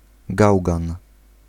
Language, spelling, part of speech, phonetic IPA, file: Polish, gałgan, noun, [ˈɡawɡãn], Pl-gałgan.ogg